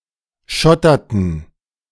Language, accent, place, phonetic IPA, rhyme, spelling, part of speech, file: German, Germany, Berlin, [ˈʃɔtɐtn̩], -ɔtɐtn̩, schotterten, verb, De-schotterten.ogg
- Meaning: inflection of schottern: 1. first/third-person plural preterite 2. first/third-person plural subjunctive II